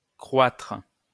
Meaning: post-1990 spelling of croître
- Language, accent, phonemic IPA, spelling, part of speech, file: French, France, /kʁwatʁ/, croitre, verb, LL-Q150 (fra)-croitre.wav